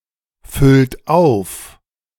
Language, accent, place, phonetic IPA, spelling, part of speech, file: German, Germany, Berlin, [ˌfʏlt ˈaʊ̯f], füllt auf, verb, De-füllt auf.ogg
- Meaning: inflection of auffüllen: 1. third-person singular present 2. second-person plural present 3. plural imperative